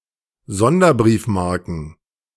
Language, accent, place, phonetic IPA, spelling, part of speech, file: German, Germany, Berlin, [ˈzɔndɐˌbʁiːfmaʁkn̩], Sonderbriefmarken, noun, De-Sonderbriefmarken.ogg
- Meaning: plural of Sonderbriefmarke